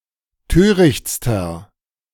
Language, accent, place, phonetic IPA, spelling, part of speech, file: German, Germany, Berlin, [ˈtøːʁɪçt͡stɐ], törichtster, adjective, De-törichtster.ogg
- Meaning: inflection of töricht: 1. strong/mixed nominative masculine singular superlative degree 2. strong genitive/dative feminine singular superlative degree 3. strong genitive plural superlative degree